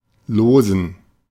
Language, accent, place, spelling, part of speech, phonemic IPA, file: German, Germany, Berlin, losen, verb / adjective, /ˈloːzən/, De-losen.ogg
- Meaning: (verb) to draw lots; to draw straws; to toss up; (adjective) inflection of lose: 1. strong genitive masculine/neuter singular 2. weak/mixed genitive/dative all-gender singular